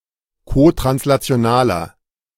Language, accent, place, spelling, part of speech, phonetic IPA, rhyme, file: German, Germany, Berlin, kotranslationaler, adjective, [kotʁanslat͡si̯oˈnaːlɐ], -aːlɐ, De-kotranslationaler.ogg
- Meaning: inflection of kotranslational: 1. strong/mixed nominative masculine singular 2. strong genitive/dative feminine singular 3. strong genitive plural